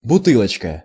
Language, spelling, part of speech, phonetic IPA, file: Russian, бутылочка, noun, [bʊˈtɨɫət͡ɕkə], Ru-бутылочка.ogg
- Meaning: 1. diminutive of буты́лка (butýlka): a (small) bottle 2. spin the bottle